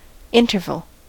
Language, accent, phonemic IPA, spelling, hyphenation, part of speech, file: English, US, /ˈɪntɚvəl/, interval, in‧ter‧val, noun, En-us-interval.ogg
- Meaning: 1. A distance in space 2. A period of time 3. The difference (a ratio or logarithmic measure) in pitch between two notes, often referring to those two pitches themselves (otherwise known as a dyad)